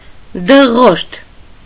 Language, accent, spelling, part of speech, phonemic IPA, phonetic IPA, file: Armenian, Eastern Armenian, դղորդ, noun, /dəˈʁoɾd/, [dəʁóɾd], Hy-դղորդ.ogg
- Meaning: roar; rumble; thunder; clatter; rattle; din; confused noise